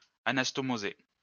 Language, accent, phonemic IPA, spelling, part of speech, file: French, France, /a.nas.tɔ.mo.ze/, anastomoser, verb, LL-Q150 (fra)-anastomoser.wav
- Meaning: to anastomose